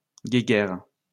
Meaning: squabble
- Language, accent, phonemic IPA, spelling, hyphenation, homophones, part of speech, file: French, France, /ɡe.ɡɛʁ/, guéguerre, gué‧guerre, guéguerres, noun, LL-Q150 (fra)-guéguerre.wav